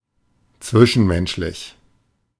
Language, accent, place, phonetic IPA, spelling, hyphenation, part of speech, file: German, Germany, Berlin, [ˈt͡svɪʃn̩ˌmɛnʃlɪç], zwischenmenschlich, zwi‧schen‧mensch‧lich, adjective, De-zwischenmenschlich.ogg
- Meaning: interpersonal